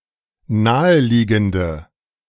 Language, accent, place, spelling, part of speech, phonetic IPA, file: German, Germany, Berlin, naheliegende, adjective, [ˈnaːəˌliːɡn̩də], De-naheliegende.ogg
- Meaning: inflection of naheliegend: 1. strong/mixed nominative/accusative feminine singular 2. strong nominative/accusative plural 3. weak nominative all-gender singular